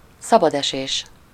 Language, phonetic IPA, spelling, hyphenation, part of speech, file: Hungarian, [ˈsɒbɒdɛʃeːʃ], szabadesés, sza‧bad‧esés, noun, Hu-szabadesés.ogg
- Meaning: freefall